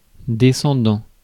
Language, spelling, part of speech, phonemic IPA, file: French, descendant, verb / noun / adjective, /de.sɑ̃.dɑ̃/, Fr-descendant.ogg
- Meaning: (verb) present participle of descendre; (noun) a descendant; one who is the progeny of someone at any distance of time; e.g. a child; a grandchild, etc; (adjective) descending